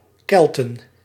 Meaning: plural of Kelt
- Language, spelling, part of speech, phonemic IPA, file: Dutch, Kelten, noun, /kɛɫtən/, Nl-Kelten.ogg